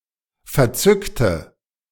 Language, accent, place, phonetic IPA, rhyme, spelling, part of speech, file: German, Germany, Berlin, [fɛɐ̯ˈt͡sʏktə], -ʏktə, verzückte, adjective / verb, De-verzückte.ogg
- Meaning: inflection of verzückt: 1. strong/mixed nominative/accusative feminine singular 2. strong nominative/accusative plural 3. weak nominative all-gender singular